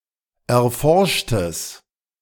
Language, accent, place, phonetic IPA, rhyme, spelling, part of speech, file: German, Germany, Berlin, [ɛɐ̯ˈfɔʁʃtəs], -ɔʁʃtəs, erforschtes, adjective, De-erforschtes.ogg
- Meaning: strong/mixed nominative/accusative neuter singular of erforscht